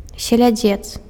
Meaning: herring
- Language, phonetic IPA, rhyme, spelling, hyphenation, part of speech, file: Belarusian, [sʲelʲaˈd͡zʲet͡s], -et͡s, селядзец, се‧ля‧дзец, noun, Be-селядзец.ogg